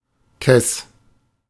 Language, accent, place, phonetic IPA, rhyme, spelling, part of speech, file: German, Germany, Berlin, [kɛs], -ɛs, kess, adjective, De-kess.ogg
- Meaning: saucy, cheeky